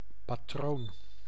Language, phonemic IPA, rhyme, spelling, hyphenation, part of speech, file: Dutch, /paːˈtroːn/, -oːn, patroon, pa‧troon, noun, Nl-patroon.ogg
- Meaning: 1. patron saint 2. patron, protector, Maecenas 3. boss, employer 4. pattern, model 5. cartridge (ammo for a firearm)